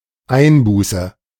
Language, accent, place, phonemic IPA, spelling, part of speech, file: German, Germany, Berlin, /ˈaɪ̯nˌbuːsə/, Einbuße, noun, De-Einbuße.ogg
- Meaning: 1. loss 2. detriment, damage 3. forfeit